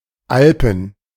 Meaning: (proper noun) 1. the Alps (a mountain range in Western Europe) 2. a municipality of Wesel district, North Rhine-Westphalia, Germany; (noun) dative plural of Alp
- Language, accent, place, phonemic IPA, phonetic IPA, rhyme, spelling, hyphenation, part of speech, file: German, Germany, Berlin, /ˈʔalpən/, [ˈʔalpm̩], -alpən, Alpen, Al‧pen, proper noun / noun, De-Alpen.ogg